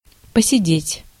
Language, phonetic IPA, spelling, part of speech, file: Russian, [pəsʲɪˈdʲetʲ], посидеть, verb, Ru-посидеть.ogg
- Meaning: to sit (for a while)